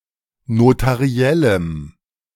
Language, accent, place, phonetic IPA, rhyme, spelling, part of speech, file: German, Germany, Berlin, [notaˈʁi̯ɛləm], -ɛləm, notariellem, adjective, De-notariellem.ogg
- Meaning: strong dative masculine/neuter singular of notariell